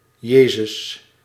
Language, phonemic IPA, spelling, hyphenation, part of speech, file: Dutch, /ˈjeː.zʏs/, Jezus, Je‧zus, proper noun / interjection, Nl-Jezus.ogg
- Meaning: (proper noun) 1. Jesus, Jesus of Nazareth 2. a male given name from Hebrew of Hebrew origin; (interjection) Jesus